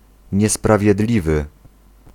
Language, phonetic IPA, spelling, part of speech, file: Polish, [ˌɲɛspravʲjɛˈdlʲivɨ], niesprawiedliwy, adjective, Pl-niesprawiedliwy.ogg